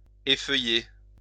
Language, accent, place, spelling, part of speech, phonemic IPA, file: French, France, Lyon, effeuiller, verb, /e.fœ.je/, LL-Q150 (fra)-effeuiller.wav
- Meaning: 1. to thin out (the leaves of a tree, bush etc.); to pick or pull the leaves or petals from 2. to lose its leaves, shed its leaves 3. to strip (perform a striptease)